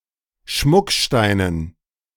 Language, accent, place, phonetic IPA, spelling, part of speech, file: German, Germany, Berlin, [ˈʃmʊkˌʃtaɪ̯nən], Schmucksteinen, noun, De-Schmucksteinen.ogg
- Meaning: dative plural of Schmuckstein